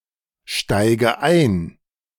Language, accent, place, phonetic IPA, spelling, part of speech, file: German, Germany, Berlin, [ˌʃtaɪ̯ɡə ˈaɪ̯n], steige ein, verb, De-steige ein.ogg
- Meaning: inflection of einsteigen: 1. first-person singular present 2. first/third-person singular subjunctive I 3. singular imperative